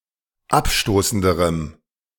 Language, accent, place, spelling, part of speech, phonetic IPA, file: German, Germany, Berlin, abstoßenderem, adjective, [ˈapˌʃtoːsn̩dəʁəm], De-abstoßenderem.ogg
- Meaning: strong dative masculine/neuter singular comparative degree of abstoßend